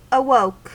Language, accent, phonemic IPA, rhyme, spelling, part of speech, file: English, US, /əˈwəʊk/, -əʊk, awoke, verb, En-us-awoke.ogg
- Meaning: 1. simple past of awake 2. past participle of awake